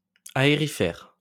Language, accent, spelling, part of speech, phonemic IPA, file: French, France, aérifère, adjective, /a.e.ʁi.fɛʁ/, LL-Q150 (fra)-aérifère.wav
- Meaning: aeriferous